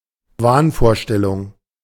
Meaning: delusion
- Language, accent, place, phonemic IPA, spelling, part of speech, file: German, Germany, Berlin, /ˈvaːnfoːɐ̯ˌʃtɛlʊŋ/, Wahnvorstellung, noun, De-Wahnvorstellung.ogg